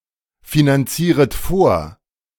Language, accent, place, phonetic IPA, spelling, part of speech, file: German, Germany, Berlin, [finanˌt͡siːʁət ˈfoːɐ̯], finanzieret vor, verb, De-finanzieret vor.ogg
- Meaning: second-person plural subjunctive I of vorfinanzieren